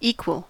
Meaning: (adjective) 1. The same in one or more respects 2. The same in one or more respects.: The same in value (status, merit, etc): having or deserving the same rights or treatment
- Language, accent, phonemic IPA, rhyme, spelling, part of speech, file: English, US, /ˈiːkwəl/, -iːkwəl, equal, adjective / verb / noun, En-us-equal.ogg